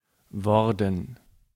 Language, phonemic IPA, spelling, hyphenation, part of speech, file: German, /ˈvɔʁdn̩/, worden, wor‧den, verb, De-worden.ogg
- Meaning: past participle of werden